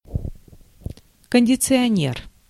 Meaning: 1. air conditioner 2. hair conditioner (Any of many cosmetic products that aim to improve the condition of the hair, especially after washing.)
- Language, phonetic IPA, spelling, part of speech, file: Russian, [kənʲdʲɪt͡sɨɐˈnʲer], кондиционер, noun, Ru-кондиционер.ogg